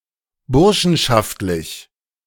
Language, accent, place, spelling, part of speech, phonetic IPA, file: German, Germany, Berlin, burschenschaftlich, adjective, [ˈbʊʁʃn̩ʃaftlɪç], De-burschenschaftlich.ogg
- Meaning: bursarial